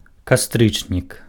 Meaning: October (the tenth month of the Gregorian calendar)
- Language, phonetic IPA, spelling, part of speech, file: Belarusian, [kaˈstrɨt͡ʂnʲik], кастрычнік, noun, Be-кастрычнік.ogg